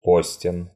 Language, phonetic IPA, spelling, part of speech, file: Russian, [ˈposʲtʲɪn], постен, adjective, Ru-постен.ogg
- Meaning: short masculine singular of по́стный (póstnyj)